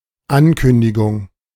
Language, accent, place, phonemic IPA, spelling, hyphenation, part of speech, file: German, Germany, Berlin, /ˈankʏndɪɡʊŋ/, Ankündigung, An‧kün‧di‧gung, noun, De-Ankündigung.ogg
- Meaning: announcement, notice